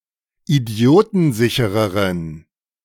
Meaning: inflection of idiotensicher: 1. strong genitive masculine/neuter singular comparative degree 2. weak/mixed genitive/dative all-gender singular comparative degree
- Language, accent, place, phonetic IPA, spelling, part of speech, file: German, Germany, Berlin, [iˈdi̯oːtn̩ˌzɪçəʁəʁən], idiotensichereren, adjective, De-idiotensichereren.ogg